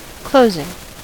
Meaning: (noun) 1. The act by which something is closed 2. The end or conclusion of something 3. The final procedure in a house sale, when documents are signed and recorded
- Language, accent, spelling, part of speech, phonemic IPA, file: English, US, closing, noun / adjective / verb, /ˈkloʊzɪŋ/, En-us-closing.ogg